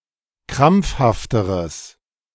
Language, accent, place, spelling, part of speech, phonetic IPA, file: German, Germany, Berlin, krampfhafteres, adjective, [ˈkʁamp͡fhaftəʁəs], De-krampfhafteres.ogg
- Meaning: strong/mixed nominative/accusative neuter singular comparative degree of krampfhaft